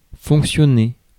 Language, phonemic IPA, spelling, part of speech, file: French, /fɔ̃k.sjɔ.ne/, fonctionner, verb, Fr-fonctionner.ogg
- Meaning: to function, to work